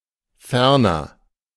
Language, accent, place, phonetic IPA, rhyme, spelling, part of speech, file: German, Germany, Berlin, [ˈfɛʁnɐ], -ɛʁnɐ, Ferner, noun, De-Ferner.ogg
- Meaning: glacier